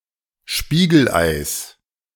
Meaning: 1. genitive singular of Spiegelei 2. black ice
- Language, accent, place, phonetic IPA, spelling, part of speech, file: German, Germany, Berlin, [ˈʃpiːɡl̩ˌʔaɪ̯s], Spiegeleis, noun, De-Spiegeleis.ogg